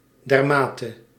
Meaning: so (to such an extent)
- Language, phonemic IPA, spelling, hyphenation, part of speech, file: Dutch, /ˈdɛrˌmaː.tə/, dermate, der‧ma‧te, adverb, Nl-dermate.ogg